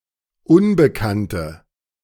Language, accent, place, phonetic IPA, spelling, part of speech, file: German, Germany, Berlin, [ˈʊnbəˌkantə], Unbekannte, noun, De-Unbekannte.ogg
- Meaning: 1. female equivalent of Unbekannter: female stranger (someone unknown) 2. unknown 3. inflection of Unbekannter: strong nominative/accusative plural